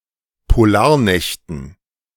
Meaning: dative plural of Polarnacht
- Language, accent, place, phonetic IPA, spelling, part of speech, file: German, Germany, Berlin, [poˈlaːɐ̯ˌnɛçtn̩], Polarnächten, noun, De-Polarnächten.ogg